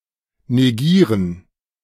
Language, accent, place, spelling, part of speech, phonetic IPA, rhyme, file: German, Germany, Berlin, negieren, verb, [neˈɡiːʁən], -iːʁən, De-negieren.ogg
- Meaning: to negate